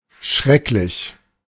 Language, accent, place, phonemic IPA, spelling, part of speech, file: German, Germany, Berlin, /ˈʃʁɛklɪç/, schrecklich, adjective / adverb, De-schrecklich.ogg
- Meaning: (adjective) awful, terrible, horrible; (adverb) awfully, terribly